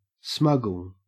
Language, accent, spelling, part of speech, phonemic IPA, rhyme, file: English, Australia, smuggle, verb, /ˈsmʌɡəl/, -ʌɡəl, En-au-smuggle.ogg
- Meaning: 1. To import or export, illicitly or by stealth, without paying lawful customs charges or duties 2. To bring in surreptitiously 3. To fondle or cuddle